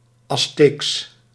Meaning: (adjective) Aztec, Aztecan, pertaining to the Aztecs; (proper noun) Nahuatl
- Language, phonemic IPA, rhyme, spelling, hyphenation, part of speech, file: Dutch, /ɑsˈteːks/, -eːks, Azteeks, Az‧teeks, adjective / proper noun, Nl-Azteeks.ogg